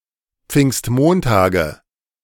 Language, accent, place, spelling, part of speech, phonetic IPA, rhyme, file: German, Germany, Berlin, Pfingstmontage, noun, [ˈp͡fɪŋstˈmoːntaːɡə], -oːntaːɡə, De-Pfingstmontage.ogg
- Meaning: nominative/accusative/genitive plural of Pfingstmontag